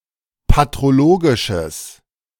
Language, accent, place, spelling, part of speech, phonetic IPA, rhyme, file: German, Germany, Berlin, patrologisches, adjective, [patʁoˈloːɡɪʃəs], -oːɡɪʃəs, De-patrologisches.ogg
- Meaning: strong/mixed nominative/accusative neuter singular of patrologisch